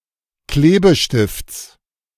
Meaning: genitive singular of Klebestift
- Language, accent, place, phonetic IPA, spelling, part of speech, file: German, Germany, Berlin, [ˈkleːbəˌʃtɪft͡s], Klebestifts, noun, De-Klebestifts.ogg